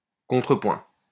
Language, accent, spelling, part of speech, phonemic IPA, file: French, France, contrepoint, noun, /kɔ̃.tʁə.pwɛ̃/, LL-Q150 (fra)-contrepoint.wav
- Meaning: 1. counterpoint 2. counterpoint (response, retort, repartee)